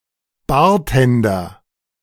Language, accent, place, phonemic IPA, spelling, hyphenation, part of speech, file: German, Germany, Berlin, /ˈbaːɐ̯ˌtɛndɐ/, Bartender, Bar‧ten‧der, noun, De-Bartender.ogg
- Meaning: bartender